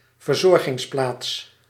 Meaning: rest area (next to a highway)
- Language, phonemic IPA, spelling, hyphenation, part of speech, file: Dutch, /vərˈzɔr.ɣɪŋsˌplaːts/, verzorgingsplaats, ver‧zor‧gings‧plaats, noun, Nl-verzorgingsplaats.ogg